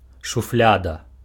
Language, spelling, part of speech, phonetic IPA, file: Belarusian, шуфляда, noun, [ʂuˈflʲada], Be-шуфляда.ogg
- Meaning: drawer (open-topped box in a cabinet used for storing)